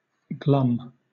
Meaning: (adjective) Despondent; moody; sullen; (verb) To look sullen; to be of a sour countenance; to be glum; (noun) sullenness
- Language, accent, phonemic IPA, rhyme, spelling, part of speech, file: English, Southern England, /ɡlʌm/, -ʌm, glum, adjective / verb / noun, LL-Q1860 (eng)-glum.wav